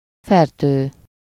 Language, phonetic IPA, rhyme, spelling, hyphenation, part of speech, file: Hungarian, [ˈfɛrtøː], -tøː, fertő, fer‧tő, noun, Hu-fertő.ogg
- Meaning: 1. morass, quagmire, swamp, marsh 2. slough, filth (moral)